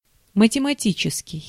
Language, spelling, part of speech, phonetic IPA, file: Russian, математический, adjective, [mətʲɪmɐˈtʲit͡ɕɪskʲɪj], Ru-математический.ogg
- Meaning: mathematical